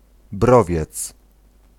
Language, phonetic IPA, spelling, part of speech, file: Polish, [ˈbrɔvʲjɛt͡s], browiec, noun, Pl-browiec.ogg